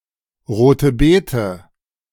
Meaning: beetroot, red beet
- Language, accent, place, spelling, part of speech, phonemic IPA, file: German, Germany, Berlin, Rote Bete, noun, /ˌʁoːtəˈbeːtə/, De-Rote Bete.ogg